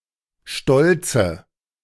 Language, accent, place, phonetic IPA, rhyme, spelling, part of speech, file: German, Germany, Berlin, [ˈʃtɔlt͡sə], -ɔlt͡sə, stolze, adjective, De-stolze.ogg
- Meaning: inflection of stolz: 1. strong/mixed nominative/accusative feminine singular 2. strong nominative/accusative plural 3. weak nominative all-gender singular 4. weak accusative feminine/neuter singular